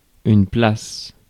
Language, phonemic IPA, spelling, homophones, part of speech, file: French, /plas/, place, placent / places, noun / verb, Fr-place.ogg
- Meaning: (noun) 1. place, square, plaza, piazza 2. place, space, room 3. place, seat; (verb) inflection of placer: first/third-person singular present indicative/subjunctive